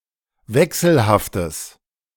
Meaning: strong/mixed nominative/accusative neuter singular of wechselhaft
- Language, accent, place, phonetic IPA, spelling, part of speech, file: German, Germany, Berlin, [ˈvɛksl̩haftəs], wechselhaftes, adjective, De-wechselhaftes.ogg